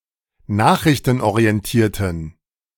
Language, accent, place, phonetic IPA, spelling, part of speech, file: German, Germany, Berlin, [ˈnaːxʁɪçtn̩ʔoʁiɛnˌtiːɐ̯tn̩], nachrichtenorientierten, adjective, De-nachrichtenorientierten.ogg
- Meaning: inflection of nachrichtenorientiert: 1. strong genitive masculine/neuter singular 2. weak/mixed genitive/dative all-gender singular 3. strong/weak/mixed accusative masculine singular